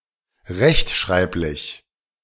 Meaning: orthographic
- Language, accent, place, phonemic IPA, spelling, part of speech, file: German, Germany, Berlin, /ˈʁɛçtˌʃʁaɪ̯plɪç/, rechtschreiblich, adjective, De-rechtschreiblich.ogg